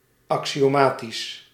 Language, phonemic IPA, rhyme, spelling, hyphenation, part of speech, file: Dutch, /ˌɑk.si.oːˈmaː.tis/, -aːtis, axiomatisch, axi‧o‧ma‧tisch, adjective, Nl-axiomatisch.ogg
- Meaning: axiomatic